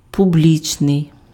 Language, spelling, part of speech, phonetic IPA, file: Ukrainian, публічний, adjective, [pʊˈblʲit͡ʃnei̯], Uk-публічний.ogg
- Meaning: 1. public (able to be seen or known by everyone; open to general view) 2. public (open to all members of a community)